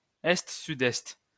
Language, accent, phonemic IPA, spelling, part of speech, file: French, France, /ɛst.sy.dɛst/, est-sud-est, noun, LL-Q150 (fra)-est-sud-est.wav
- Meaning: east-southeast (compass point)